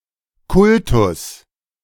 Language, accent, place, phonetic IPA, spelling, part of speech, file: German, Germany, Berlin, [ˈkʊltʊs], Kultus, noun, De-Kultus.ogg
- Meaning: 1. alternative form of Kult 2. referring to a state ministry for education